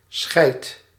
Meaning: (noun) shit (solid excretory product evacuated from the bowel); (interjection) shit!; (verb) inflection of schijten: 1. first/second/third-person singular present indicative 2. imperative
- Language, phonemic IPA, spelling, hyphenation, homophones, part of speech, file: Dutch, /sxɛɪt/, schijt, schijt, scheit, noun / interjection / verb, Nl-schijt.ogg